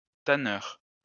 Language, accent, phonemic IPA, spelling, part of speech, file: French, France, /ta.nœʁ/, tanneur, noun, LL-Q150 (fra)-tanneur.wav
- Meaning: tanner (person whose occupation is to tan hides, or convert them into leather by the use of tan)